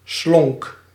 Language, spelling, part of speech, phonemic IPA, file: Dutch, slonk, adjective / verb, /slɔŋk/, Nl-slonk.ogg
- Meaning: singular past indicative of slinken